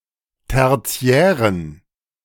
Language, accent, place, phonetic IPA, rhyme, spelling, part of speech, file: German, Germany, Berlin, [ˌtɛʁˈt͡si̯ɛːʁən], -ɛːʁən, tertiären, adjective, De-tertiären.ogg
- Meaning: inflection of tertiär: 1. strong genitive masculine/neuter singular 2. weak/mixed genitive/dative all-gender singular 3. strong/weak/mixed accusative masculine singular 4. strong dative plural